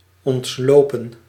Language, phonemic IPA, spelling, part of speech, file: Dutch, /ˌɔntˈloː.pə(n)/, ontlopen, verb, Nl-ontlopen.ogg
- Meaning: 1. to outrun, evade 2. past participle of ontlopen